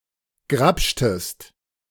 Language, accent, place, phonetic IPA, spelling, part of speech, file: German, Germany, Berlin, [ˈɡʁapʃtəst], grapschtest, verb, De-grapschtest.ogg
- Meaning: inflection of grapschen: 1. second-person singular preterite 2. second-person singular subjunctive II